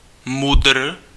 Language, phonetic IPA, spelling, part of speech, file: Czech, [mʊdr̩], MUDr., abbreviation, Cs-MUDr..ogg
- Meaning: abbreviation of medicīnae ūniversae doctor (“physician, doctor of medicine”)